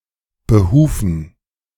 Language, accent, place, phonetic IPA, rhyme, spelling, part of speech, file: German, Germany, Berlin, [bəˈhuːfn̩], -uːfn̩, Behufen, noun, De-Behufen.ogg
- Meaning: dative plural of Behuf